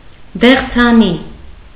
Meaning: peach tree
- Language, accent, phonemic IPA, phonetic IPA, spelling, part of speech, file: Armenian, Eastern Armenian, /deχt͡sʰeˈni/, [deχt͡sʰení], դեղձենի, noun, Hy-դեղձենի.ogg